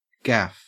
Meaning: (noun) 1. A tool consisting of a large metal hook with a handle or pole, especially the one used to pull large fish aboard a boat 2. A minor error or faux pas, a gaffe 3. A trick or con
- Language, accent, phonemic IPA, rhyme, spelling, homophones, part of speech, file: English, Australia, /ɡæf/, -æf, gaff, gaffe, noun / verb, En-au-gaff.ogg